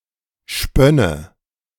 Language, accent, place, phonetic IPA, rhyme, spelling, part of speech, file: German, Germany, Berlin, [ˈʃpœnə], -œnə, spönne, verb, De-spönne.ogg
- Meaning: first/third-person singular subjunctive II of spinnen